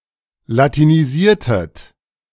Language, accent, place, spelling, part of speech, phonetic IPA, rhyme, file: German, Germany, Berlin, latinisiertet, verb, [latiniˈziːɐ̯tət], -iːɐ̯tət, De-latinisiertet.ogg
- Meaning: inflection of latinisieren: 1. second-person plural preterite 2. second-person plural subjunctive II